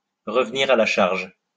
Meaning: 1. to resume combat after being defeated 2. to be insistent in achieving one's ends; to insist; to try again
- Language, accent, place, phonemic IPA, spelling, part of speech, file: French, France, Lyon, /ʁə.v(ə).niʁ a la ʃaʁʒ/, revenir à la charge, verb, LL-Q150 (fra)-revenir à la charge.wav